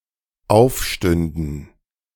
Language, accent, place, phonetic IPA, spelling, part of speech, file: German, Germany, Berlin, [ˈaʊ̯fˌʃtʏndn̩], aufstünden, verb, De-aufstünden.ogg
- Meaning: first/third-person plural dependent subjunctive II of aufstehen